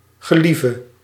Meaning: singular present subjunctive of gelieven, or (formal) idiomatic construction
- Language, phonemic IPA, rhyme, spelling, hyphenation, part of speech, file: Dutch, /ɣəˈlivə/, -ivə, gelieve, ge‧lie‧ve, verb, Nl-gelieve.ogg